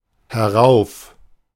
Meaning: up, upwards (to the own location upwards)
- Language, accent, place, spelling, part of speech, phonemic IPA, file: German, Germany, Berlin, herauf, adverb, /hɛˈʁaʊ̯f/, De-herauf.ogg